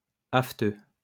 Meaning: aphthous
- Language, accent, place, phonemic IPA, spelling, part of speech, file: French, France, Lyon, /af.tø/, aphteux, adjective, LL-Q150 (fra)-aphteux.wav